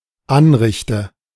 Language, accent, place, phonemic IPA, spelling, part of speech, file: German, Germany, Berlin, /ˈanʁɪçtə/, Anrichte, noun, De-Anrichte.ogg
- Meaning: sideboard